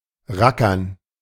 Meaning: to work hard
- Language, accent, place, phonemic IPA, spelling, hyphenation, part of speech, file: German, Germany, Berlin, /ˈʁakɐn/, rackern, ra‧ckern, verb, De-rackern.ogg